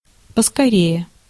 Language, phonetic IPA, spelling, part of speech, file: Russian, [pəskɐˈrʲeje], поскорее, adverb, Ru-поскорее.ogg
- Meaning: 1. alternative form of скоре́е (skoréje) 2. quick!; hurry!; hurry up!